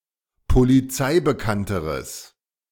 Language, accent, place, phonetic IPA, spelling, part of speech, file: German, Germany, Berlin, [poliˈt͡saɪ̯bəˌkantəʁəs], polizeibekannteres, adjective, De-polizeibekannteres.ogg
- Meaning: strong/mixed nominative/accusative neuter singular comparative degree of polizeibekannt